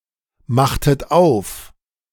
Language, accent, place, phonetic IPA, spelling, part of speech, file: German, Germany, Berlin, [ˌmaxtət ˈaʊ̯f], machtet auf, verb, De-machtet auf.ogg
- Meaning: inflection of aufmachen: 1. second-person plural preterite 2. second-person plural subjunctive II